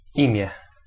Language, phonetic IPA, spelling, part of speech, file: Polish, [ˈĩmʲjɛ], imię, noun, Pl-imię.ogg